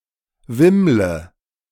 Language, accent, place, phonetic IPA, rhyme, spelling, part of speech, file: German, Germany, Berlin, [ˈvɪmlə], -ɪmlə, wimmle, verb, De-wimmle.ogg
- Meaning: inflection of wimmeln: 1. first-person singular present 2. first/third-person singular subjunctive I 3. singular imperative